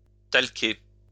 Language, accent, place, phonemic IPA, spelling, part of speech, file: French, France, Lyon, /tal.ke/, talquer, verb, LL-Q150 (fra)-talquer.wav
- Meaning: to talc